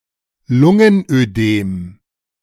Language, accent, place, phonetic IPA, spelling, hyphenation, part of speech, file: German, Germany, Berlin, [ˈlʊŋənʔøˌdeːm], Lungenödem, Lun‧gen‧ödem, noun, De-Lungenödem.ogg
- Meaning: pulmonary oedema